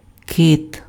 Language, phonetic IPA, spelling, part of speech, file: Ukrainian, [kɪt], кит, noun, Uk-кит.ogg
- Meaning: whale